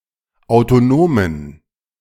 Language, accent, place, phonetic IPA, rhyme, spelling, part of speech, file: German, Germany, Berlin, [aʊ̯toˈnoːmən], -oːmən, autonomen, adjective, De-autonomen.ogg
- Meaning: inflection of autonom: 1. strong genitive masculine/neuter singular 2. weak/mixed genitive/dative all-gender singular 3. strong/weak/mixed accusative masculine singular 4. strong dative plural